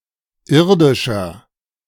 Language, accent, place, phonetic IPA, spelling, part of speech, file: German, Germany, Berlin, [ˈɪʁdɪʃɐ], irdischer, adjective, De-irdischer.ogg
- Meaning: inflection of irdisch: 1. strong/mixed nominative masculine singular 2. strong genitive/dative feminine singular 3. strong genitive plural